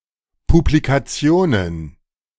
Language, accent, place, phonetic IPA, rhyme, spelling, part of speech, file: German, Germany, Berlin, [publikaˈt͡si̯oːnən], -oːnən, Publikationen, noun, De-Publikationen.ogg
- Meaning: plural of Publikation